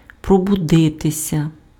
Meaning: to wake up, to wake, to awake (become conscious after sleep)
- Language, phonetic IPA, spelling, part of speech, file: Ukrainian, [prɔbʊˈdɪtesʲɐ], пробудитися, verb, Uk-пробудитися.ogg